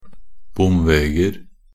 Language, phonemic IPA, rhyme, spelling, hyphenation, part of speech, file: Norwegian Bokmål, /ˈbʊmʋeːɡər/, -ər, bomveger, bom‧veg‧er, noun, Nb-bomveger.ogg
- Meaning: indefinite plural of bomveg